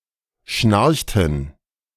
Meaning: inflection of schnarchen: 1. first/third-person plural preterite 2. first/third-person plural subjunctive II
- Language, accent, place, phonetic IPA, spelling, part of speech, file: German, Germany, Berlin, [ˈʃnaʁçtn̩], schnarchten, verb, De-schnarchten.ogg